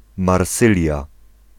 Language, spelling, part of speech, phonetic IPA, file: Polish, Marsylia, proper noun, [marˈsɨlʲja], Pl-Marsylia.ogg